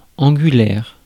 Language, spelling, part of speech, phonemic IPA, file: French, angulaire, adjective, /ɑ̃.ɡy.lɛʁ/, Fr-angulaire.ogg
- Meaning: 1. angular (relating to an angle) 2. fundamental, crucial